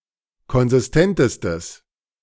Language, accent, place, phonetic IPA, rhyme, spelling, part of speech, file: German, Germany, Berlin, [kɔnzɪsˈtɛntəstəs], -ɛntəstəs, konsistentestes, adjective, De-konsistentestes.ogg
- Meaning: strong/mixed nominative/accusative neuter singular superlative degree of konsistent